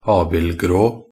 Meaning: white or light colour with gray spots; gray-spotted (of a horse)
- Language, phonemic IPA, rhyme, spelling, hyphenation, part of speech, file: Norwegian Bokmål, /ˈɑːbɪlɡroː/, -oː, abildgrå, ab‧ild‧grå, adjective, Nb-abildgrå.ogg